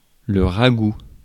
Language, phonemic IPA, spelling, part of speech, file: French, /ʁa.ɡu/, ragoût, noun, Fr-ragoût.ogg
- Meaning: 1. ragout 2. stew